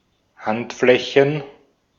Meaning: plural of Handfläche
- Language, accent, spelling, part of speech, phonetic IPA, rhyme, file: German, Austria, Handflächen, noun, [ˈhantˌflɛçn̩], -antflɛçn̩, De-at-Handflächen.ogg